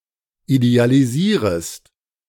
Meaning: second-person singular subjunctive I of idealisieren
- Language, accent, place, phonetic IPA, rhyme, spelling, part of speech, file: German, Germany, Berlin, [idealiˈziːʁəst], -iːʁəst, idealisierest, verb, De-idealisierest.ogg